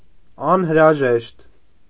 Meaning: necessary, required
- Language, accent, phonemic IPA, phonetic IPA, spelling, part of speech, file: Armenian, Eastern Armenian, /ɑnhəɾɑˈʒeʃt/, [ɑnhəɾɑʒéʃt], անհրաժեշտ, adjective, Hy-անհրաժեշտ.ogg